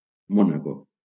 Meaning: Monaco (a city-state in Western Europe)
- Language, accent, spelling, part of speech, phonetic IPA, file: Catalan, Valencia, Mònaco, proper noun, [ˈmɔ.na.ko], LL-Q7026 (cat)-Mònaco.wav